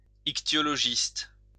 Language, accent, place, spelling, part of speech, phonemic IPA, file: French, France, Lyon, ichtyologiste, noun, /ik.tjɔ.lɔ.ʒist/, LL-Q150 (fra)-ichtyologiste.wav
- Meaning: ichthyologist